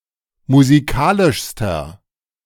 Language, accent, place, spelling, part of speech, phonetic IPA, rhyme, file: German, Germany, Berlin, musikalischster, adjective, [muziˈkaːlɪʃstɐ], -aːlɪʃstɐ, De-musikalischster.ogg
- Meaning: inflection of musikalisch: 1. strong/mixed nominative masculine singular superlative degree 2. strong genitive/dative feminine singular superlative degree 3. strong genitive plural superlative degree